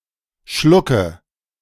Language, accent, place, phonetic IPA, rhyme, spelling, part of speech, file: German, Germany, Berlin, [ˈʃlʊkə], -ʊkə, Schlucke, noun, De-Schlucke.ogg
- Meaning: nominative/accusative/genitive plural of Schluck